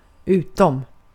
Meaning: 1. except for, but, beyond 2. outside, out of
- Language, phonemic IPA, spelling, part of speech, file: Swedish, /²ʉ̟ːtɔm/, utom, preposition, Sv-utom.ogg